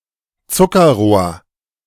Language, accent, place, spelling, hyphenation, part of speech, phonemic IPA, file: German, Germany, Berlin, Zuckerrohr, Zu‧cker‧rohr, noun, /ˈt͡sʊkɐˌʁoːɐ̯/, De-Zuckerrohr.ogg
- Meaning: sugar cane